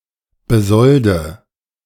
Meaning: inflection of besolden: 1. first-person singular present 2. first/third-person singular subjunctive I 3. singular imperative
- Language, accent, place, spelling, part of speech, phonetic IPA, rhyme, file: German, Germany, Berlin, besolde, verb, [bəˈzɔldə], -ɔldə, De-besolde.ogg